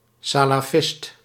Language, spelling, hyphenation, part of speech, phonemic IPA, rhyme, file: Dutch, salafist, sa‧la‧fist, noun, /ˌsaː.laːˈfɪst/, -ɪst, Nl-salafist.ogg
- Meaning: a Salafist, a Salafi (Sunni Muslim who seeks to align modern Islam with early Islam)